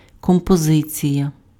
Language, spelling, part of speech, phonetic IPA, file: Ukrainian, композиція, noun, [kɔmpɔˈzɪt͡sʲijɐ], Uk-композиція.ogg
- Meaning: composition